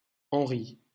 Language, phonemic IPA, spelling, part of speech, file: French, /ɑ̃.ʁi/, Henri, proper noun, LL-Q150 (fra)-Henri.wav
- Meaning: a male given name, equivalent to English Henry